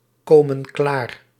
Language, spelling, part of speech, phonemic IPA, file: Dutch, komen klaar, verb, /ˈkomə(n) ˈklar/, Nl-komen klaar.ogg
- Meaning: inflection of klaarkomen: 1. plural present indicative 2. plural present subjunctive